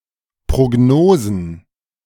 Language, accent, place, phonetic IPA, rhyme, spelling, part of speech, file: German, Germany, Berlin, [ˌpʁoˈɡnoːzn̩], -oːzn̩, Prognosen, noun, De-Prognosen.ogg
- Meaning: plural of Prognose